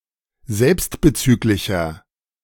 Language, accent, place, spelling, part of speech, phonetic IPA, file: German, Germany, Berlin, selbstbezüglicher, adjective, [ˈzɛlpstbəˌt͡syːklɪçɐ], De-selbstbezüglicher.ogg
- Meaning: 1. comparative degree of selbstbezüglich 2. inflection of selbstbezüglich: strong/mixed nominative masculine singular 3. inflection of selbstbezüglich: strong genitive/dative feminine singular